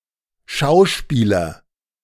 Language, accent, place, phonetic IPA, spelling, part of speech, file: German, Germany, Berlin, [ˈʃaʊ̯ˌʃpiːlɐ], schauspieler, verb, De-schauspieler.ogg
- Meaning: 1. singular imperative of schauspielern 2. first-person singular present of schauspielern